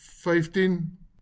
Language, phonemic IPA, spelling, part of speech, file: Afrikaans, /ˈfəiftin/, vyftien, numeral, LL-Q14196 (afr)-vyftien.wav
- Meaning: fifteen